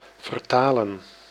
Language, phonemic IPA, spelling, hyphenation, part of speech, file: Dutch, /vərˈtaː.lə(n)/, vertalen, ver‧ta‧len, verb, Nl-vertalen.ogg
- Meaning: to translate